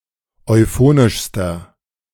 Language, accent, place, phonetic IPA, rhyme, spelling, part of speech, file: German, Germany, Berlin, [ɔɪ̯ˈfoːnɪʃstɐ], -oːnɪʃstɐ, euphonischster, adjective, De-euphonischster.ogg
- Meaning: inflection of euphonisch: 1. strong/mixed nominative masculine singular superlative degree 2. strong genitive/dative feminine singular superlative degree 3. strong genitive plural superlative degree